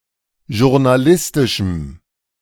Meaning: strong dative masculine/neuter singular of journalistisch
- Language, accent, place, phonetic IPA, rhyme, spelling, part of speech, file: German, Germany, Berlin, [ʒʊʁnaˈlɪstɪʃm̩], -ɪstɪʃm̩, journalistischem, adjective, De-journalistischem.ogg